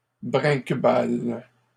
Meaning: inflection of brinquebaler: 1. first/third-person singular present indicative/subjunctive 2. second-person singular imperative
- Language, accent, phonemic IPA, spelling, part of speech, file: French, Canada, /bʁɛ̃k.bal/, brinquebale, verb, LL-Q150 (fra)-brinquebale.wav